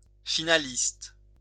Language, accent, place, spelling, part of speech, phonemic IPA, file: French, France, Lyon, finaliste, noun, /fi.na.list/, LL-Q150 (fra)-finaliste.wav
- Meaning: finalist